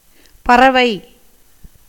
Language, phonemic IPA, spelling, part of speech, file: Tamil, /pɐrɐʋɐɪ̯/, பறவை, noun, Ta-பறவை.ogg
- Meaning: 1. bird 2. flying 3. feather, wing 4. bee 5. the 23rd nakṣatra 6. a kind of measles